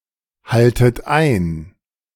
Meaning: inflection of einhalten: 1. second-person plural present 2. second-person plural subjunctive I 3. plural imperative
- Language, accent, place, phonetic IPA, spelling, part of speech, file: German, Germany, Berlin, [ˌhaltət ˈaɪ̯n], haltet ein, verb, De-haltet ein.ogg